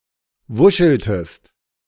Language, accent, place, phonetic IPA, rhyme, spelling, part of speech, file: German, Germany, Berlin, [ˈvʊʃl̩təst], -ʊʃl̩təst, wuscheltest, verb, De-wuscheltest.ogg
- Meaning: inflection of wuscheln: 1. second-person singular preterite 2. second-person singular subjunctive II